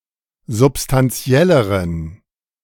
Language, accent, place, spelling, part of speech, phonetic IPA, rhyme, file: German, Germany, Berlin, substantielleren, adjective, [zʊpstanˈt͡si̯ɛləʁən], -ɛləʁən, De-substantielleren.ogg
- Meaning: inflection of substantiell: 1. strong genitive masculine/neuter singular comparative degree 2. weak/mixed genitive/dative all-gender singular comparative degree